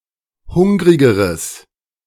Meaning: strong/mixed nominative/accusative neuter singular comparative degree of hungrig
- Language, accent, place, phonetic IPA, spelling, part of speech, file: German, Germany, Berlin, [ˈhʊŋʁɪɡəʁəs], hungrigeres, adjective, De-hungrigeres.ogg